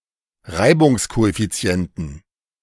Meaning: 1. genitive/dative/accusative singular of Reibungskoeffizient 2. plural of Reibungskoeffizient
- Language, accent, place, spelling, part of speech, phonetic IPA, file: German, Germany, Berlin, Reibungskoeffizienten, noun, [ˈʁaɪ̯bʊŋskoʔɛfiˌt͡si̯ɛntn̩], De-Reibungskoeffizienten.ogg